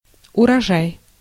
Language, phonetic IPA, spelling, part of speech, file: Russian, [ʊrɐˈʐaj], урожай, noun, Ru-урожай.ogg
- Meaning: crop, harvest, yield (yield of harvesting)